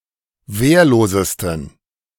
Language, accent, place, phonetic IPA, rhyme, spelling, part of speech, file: German, Germany, Berlin, [ˈveːɐ̯loːzəstn̩], -eːɐ̯loːzəstn̩, wehrlosesten, adjective, De-wehrlosesten.ogg
- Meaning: 1. superlative degree of wehrlos 2. inflection of wehrlos: strong genitive masculine/neuter singular superlative degree